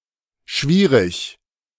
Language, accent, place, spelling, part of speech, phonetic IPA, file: German, Germany, Berlin, schwierig, adjective, [ˈʃʋiːʁɪç], De-schwierig.ogg
- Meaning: 1. difficult, hard, challenging, tough 2. difficult, prickly